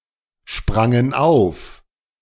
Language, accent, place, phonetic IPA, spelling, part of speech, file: German, Germany, Berlin, [ˌʃpʁaŋən ˈaʊ̯f], sprangen auf, verb, De-sprangen auf.ogg
- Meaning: first/third-person plural preterite of aufspringen